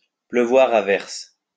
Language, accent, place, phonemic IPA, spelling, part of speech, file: French, France, Lyon, /plø.vwaʁ a vɛʁs/, pleuvoir à verse, verb, LL-Q150 (fra)-pleuvoir à verse.wav
- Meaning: to rain heavily, to send out in a stream or a flood